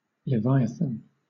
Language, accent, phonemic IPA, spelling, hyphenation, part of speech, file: English, Southern England, /lɪˈvaɪəθn̩/, leviathan, lev‧i‧a‧than, noun / adjective, LL-Q1860 (eng)-leviathan.wav
- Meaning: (noun) A vast sea monster of tremendous strength, either imaginary or real, described as the most dangerous and powerful creature in the ocean